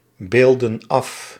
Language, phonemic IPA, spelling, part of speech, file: Dutch, /ˈbeldə(n) ˈɑf/, beelden af, verb, Nl-beelden af.ogg
- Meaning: inflection of afbeelden: 1. plural present indicative 2. plural present subjunctive